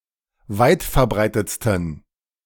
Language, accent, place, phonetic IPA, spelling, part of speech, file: German, Germany, Berlin, [ˈvaɪ̯tfɛɐ̯ˌbʁaɪ̯tət͡stn̩], weitverbreitetsten, adjective, De-weitverbreitetsten.ogg
- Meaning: 1. superlative degree of weitverbreitet 2. inflection of weitverbreitet: strong genitive masculine/neuter singular superlative degree